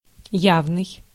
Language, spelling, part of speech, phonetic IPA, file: Russian, явный, adjective, [ˈjavnɨj], Ru-явный.ogg
- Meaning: 1. open, obvious, evident 2. avowed 3. explicit